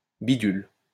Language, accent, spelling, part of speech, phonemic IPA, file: French, France, bidule, noun, /bi.dyl/, LL-Q150 (fra)-bidule.wav
- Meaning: thingamajig